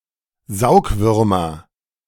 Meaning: nominative/accusative/genitive plural of Saugwurm
- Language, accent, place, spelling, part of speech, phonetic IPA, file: German, Germany, Berlin, Saugwürmer, noun, [ˈzaʊ̯kˌvʏʁmɐ], De-Saugwürmer.ogg